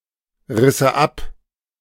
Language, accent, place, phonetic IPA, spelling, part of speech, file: German, Germany, Berlin, [ˌʁɪsə ˈap], risse ab, verb, De-risse ab.ogg
- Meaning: first/third-person singular subjunctive II of abreißen